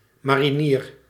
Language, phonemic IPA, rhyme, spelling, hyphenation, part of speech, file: Dutch, /ˌmaː.riˈniːr/, -iːr, marinier, ma‧ri‧nier, noun, Nl-marinier.ogg
- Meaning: marine